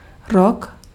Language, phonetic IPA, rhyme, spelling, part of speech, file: Czech, [ˈrok], -ok, rok, noun, Cs-rok.ogg
- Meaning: 1. year, the time it takes a planetary body to complete one revolution around a star 2. year, exactly 365.25 days 3. year, a period between set dates that denotes a year